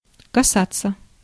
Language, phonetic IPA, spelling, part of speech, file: Russian, [kɐˈsat͡sːə], касаться, verb, Ru-касаться.ogg
- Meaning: 1. to touch 2. to concern, to have to do with